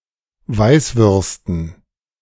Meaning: dative plural of Weißwurst
- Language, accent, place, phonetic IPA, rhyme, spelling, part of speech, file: German, Germany, Berlin, [ˈvaɪ̯sˌvʏʁstn̩], -aɪ̯svʏʁstn̩, Weißwürsten, noun, De-Weißwürsten.ogg